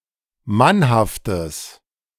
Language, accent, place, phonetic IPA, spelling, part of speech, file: German, Germany, Berlin, [ˈmanhaftəs], mannhaftes, adjective, De-mannhaftes.ogg
- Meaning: strong/mixed nominative/accusative neuter singular of mannhaft